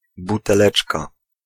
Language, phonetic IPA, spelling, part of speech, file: Polish, [ˌbutɛˈlɛt͡ʃka], buteleczka, noun, Pl-buteleczka.ogg